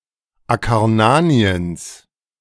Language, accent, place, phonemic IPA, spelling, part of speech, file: German, Germany, Berlin, /akaʁˈnaːni̯əns/, Akarnaniens, proper noun, De-Akarnaniens.ogg
- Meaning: genitive singular of Akarnanien